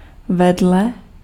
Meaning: next to, beside, alongside
- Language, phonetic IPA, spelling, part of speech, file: Czech, [ˈvɛdlɛ], vedle, preposition, Cs-vedle.ogg